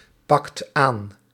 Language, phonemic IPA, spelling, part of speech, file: Dutch, /ˈpɑkt ˈan/, pakt aan, verb, Nl-pakt aan.ogg
- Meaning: inflection of aanpakken: 1. second/third-person singular present indicative 2. plural imperative